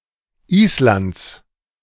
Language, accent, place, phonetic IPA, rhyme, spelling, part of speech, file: German, Germany, Berlin, [ˈiːslant͡s], -iːslant͡s, Islands, noun, De-Islands.ogg
- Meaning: genitive singular of Island